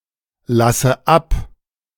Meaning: inflection of ablassen: 1. first-person singular present 2. first/third-person singular subjunctive I 3. singular imperative
- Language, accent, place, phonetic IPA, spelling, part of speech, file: German, Germany, Berlin, [ˌlasə ˈap], lasse ab, verb, De-lasse ab.ogg